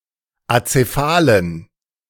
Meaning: inflection of azephal: 1. strong genitive masculine/neuter singular 2. weak/mixed genitive/dative all-gender singular 3. strong/weak/mixed accusative masculine singular 4. strong dative plural
- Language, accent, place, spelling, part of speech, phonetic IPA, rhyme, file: German, Germany, Berlin, azephalen, adjective, [at͡seˈfaːlən], -aːlən, De-azephalen.ogg